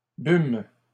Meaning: first-person plural past historic of boire
- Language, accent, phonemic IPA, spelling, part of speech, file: French, Canada, /bym/, bûmes, verb, LL-Q150 (fra)-bûmes.wav